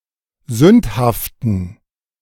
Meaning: inflection of sündhaft: 1. strong genitive masculine/neuter singular 2. weak/mixed genitive/dative all-gender singular 3. strong/weak/mixed accusative masculine singular 4. strong dative plural
- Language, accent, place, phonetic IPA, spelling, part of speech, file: German, Germany, Berlin, [ˈzʏnthaftn̩], sündhaften, adjective, De-sündhaften.ogg